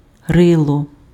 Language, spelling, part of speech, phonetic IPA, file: Ukrainian, рило, noun, [ˈrɪɫɔ], Uk-рило.ogg
- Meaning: 1. snout 2. mug (human face) 3. snout (human nose)